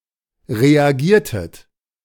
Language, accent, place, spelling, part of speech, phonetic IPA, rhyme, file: German, Germany, Berlin, reagiertet, verb, [ʁeaˈɡiːɐ̯tət], -iːɐ̯tət, De-reagiertet.ogg
- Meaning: inflection of reagieren: 1. second-person plural preterite 2. second-person plural subjunctive II